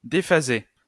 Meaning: past participle of déphaser
- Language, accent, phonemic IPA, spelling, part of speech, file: French, France, /de.fa.ze/, déphasé, verb, LL-Q150 (fra)-déphasé.wav